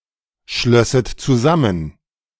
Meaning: second-person plural subjunctive II of zusammenschließen
- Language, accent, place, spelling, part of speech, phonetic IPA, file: German, Germany, Berlin, schlösset zusammen, verb, [ˌʃlœsət t͡suˈzamən], De-schlösset zusammen.ogg